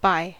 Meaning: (preposition) 1. Near or next to 2. From one side of something to the other, passing close by; past 3. Not later than (the given time); not later than the end of (the given time interval); before
- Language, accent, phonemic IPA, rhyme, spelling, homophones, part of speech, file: English, US, /baɪ/, -aɪ, by, bi / buy / bye, preposition / adverb / adjective / noun / interjection, En-us-by.ogg